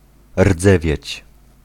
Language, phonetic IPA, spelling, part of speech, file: Polish, [ˈrd͡zɛvʲjɛ̇t͡ɕ], rdzewieć, verb, Pl-rdzewieć.ogg